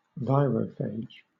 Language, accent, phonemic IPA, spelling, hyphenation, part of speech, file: English, Southern England, /ˈvaɪɹəfeɪd͡ʒ/, virophage, vi‧ro‧phage, noun, LL-Q1860 (eng)-virophage.wav
- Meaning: Any virus that infects other viruses